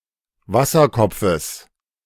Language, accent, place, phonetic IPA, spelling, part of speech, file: German, Germany, Berlin, [ˈvasɐˌkɔp͡fəs], Wasserkopfes, noun, De-Wasserkopfes.ogg
- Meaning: genitive of Wasserkopf